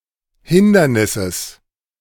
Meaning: genitive singular of Hindernis
- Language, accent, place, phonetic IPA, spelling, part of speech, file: German, Germany, Berlin, [ˈhɪndɐnɪsəs], Hindernisses, noun, De-Hindernisses.ogg